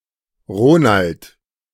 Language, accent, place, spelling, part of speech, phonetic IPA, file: German, Germany, Berlin, Ronald, proper noun, [ˈʁoːnalt], De-Ronald.ogg
- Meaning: a male given name from English